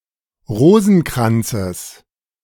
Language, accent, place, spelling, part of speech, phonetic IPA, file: German, Germany, Berlin, Rosenkranzes, noun, [ˈʁoːzn̩ˌkʁant͡səs], De-Rosenkranzes.ogg
- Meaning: genitive singular of Rosenkranz